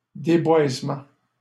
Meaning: deforestation
- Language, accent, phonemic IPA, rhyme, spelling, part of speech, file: French, Canada, /de.bwaz.mɑ̃/, -ɑ̃, déboisement, noun, LL-Q150 (fra)-déboisement.wav